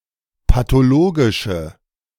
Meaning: inflection of pathologisch: 1. strong/mixed nominative/accusative feminine singular 2. strong nominative/accusative plural 3. weak nominative all-gender singular
- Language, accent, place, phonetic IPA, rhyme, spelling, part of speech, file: German, Germany, Berlin, [patoˈloːɡɪʃə], -oːɡɪʃə, pathologische, adjective, De-pathologische.ogg